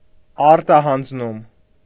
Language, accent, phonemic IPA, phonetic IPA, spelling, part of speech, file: Armenian, Eastern Armenian, /ɑɾtɑhɑnd͡zˈnum/, [ɑɾtɑhɑnd͡znúm], արտահանձնում, noun, Hy-արտահանձնում.ogg
- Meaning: extradition